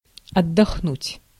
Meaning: 1. to rest, to relax, to have a rest 2. to be resting, to be on holiday, to take a vacation
- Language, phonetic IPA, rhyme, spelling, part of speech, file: Russian, [ɐdːɐxˈnutʲ], -utʲ, отдохнуть, verb, Ru-отдохнуть.ogg